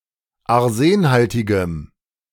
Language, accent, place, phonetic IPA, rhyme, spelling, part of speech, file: German, Germany, Berlin, [aʁˈzeːnˌhaltɪɡəm], -eːnhaltɪɡəm, arsenhaltigem, adjective, De-arsenhaltigem.ogg
- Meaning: strong dative masculine/neuter singular of arsenhaltig